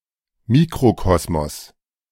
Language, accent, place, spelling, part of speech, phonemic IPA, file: German, Germany, Berlin, Mikrokosmos, noun, /ˈmiːkʁoˌkɔsmɔs/, De-Mikrokosmos.ogg
- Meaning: microcosm